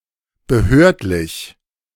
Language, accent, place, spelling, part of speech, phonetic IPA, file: German, Germany, Berlin, behördlich, adjective, [bəˈhøːɐ̯tlɪç], De-behördlich.ogg
- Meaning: referring to a governmental office or authority; official, regulatory